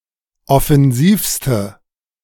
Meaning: inflection of offensiv: 1. strong/mixed nominative/accusative feminine singular superlative degree 2. strong nominative/accusative plural superlative degree
- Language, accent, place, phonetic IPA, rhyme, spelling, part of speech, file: German, Germany, Berlin, [ɔfɛnˈziːfstə], -iːfstə, offensivste, adjective, De-offensivste.ogg